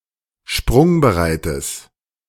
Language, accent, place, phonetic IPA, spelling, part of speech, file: German, Germany, Berlin, [ˈʃpʁʊŋbəˌʁaɪ̯təs], sprungbereites, adjective, De-sprungbereites.ogg
- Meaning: strong/mixed nominative/accusative neuter singular of sprungbereit